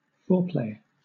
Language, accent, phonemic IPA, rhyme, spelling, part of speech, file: English, Southern England, /ˈfɔː(ɹ)pleɪ/, -ɔː(ɹ)pleɪ, foreplay, noun / verb, LL-Q1860 (eng)-foreplay.wav
- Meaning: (noun) The acts at the beginning of a (usually human) sexual encounter that serve to build up sexual arousal; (verb) To engage in foreplay